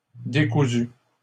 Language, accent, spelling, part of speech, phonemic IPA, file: French, Canada, décousues, adjective, /de.ku.zy/, LL-Q150 (fra)-décousues.wav
- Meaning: feminine plural of décousu